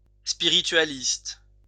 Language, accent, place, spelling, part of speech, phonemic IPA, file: French, France, Lyon, spiritualiste, noun / adjective, /spi.ʁi.tɥa.list/, LL-Q150 (fra)-spiritualiste.wav
- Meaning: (noun) spiritualist